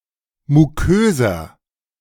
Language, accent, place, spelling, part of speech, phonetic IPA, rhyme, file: German, Germany, Berlin, muköser, adjective, [muˈkøːzɐ], -øːzɐ, De-muköser.ogg
- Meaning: inflection of mukös: 1. strong/mixed nominative masculine singular 2. strong genitive/dative feminine singular 3. strong genitive plural